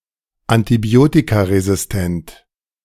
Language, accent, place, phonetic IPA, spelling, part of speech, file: German, Germany, Berlin, [antiˈbi̯oːtikaʁezɪsˌtɛnt], antibiotikaresistent, adjective, De-antibiotikaresistent.ogg
- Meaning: antibiotic-resistant